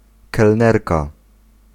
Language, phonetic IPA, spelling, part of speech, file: Polish, [kɛlˈnɛrka], kelnerka, noun, Pl-kelnerka.ogg